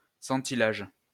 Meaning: percentilation
- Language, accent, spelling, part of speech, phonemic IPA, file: French, France, centilage, noun, /sɑ̃.ti.laʒ/, LL-Q150 (fra)-centilage.wav